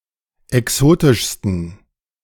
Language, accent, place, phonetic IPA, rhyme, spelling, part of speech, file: German, Germany, Berlin, [ɛˈksoːtɪʃstn̩], -oːtɪʃstn̩, exotischsten, adjective, De-exotischsten.ogg
- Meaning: 1. superlative degree of exotisch 2. inflection of exotisch: strong genitive masculine/neuter singular superlative degree